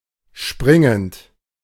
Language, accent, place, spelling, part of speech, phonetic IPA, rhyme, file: German, Germany, Berlin, springend, verb, [ˈʃpʁɪŋənt], -ɪŋənt, De-springend.ogg
- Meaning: present participle of springen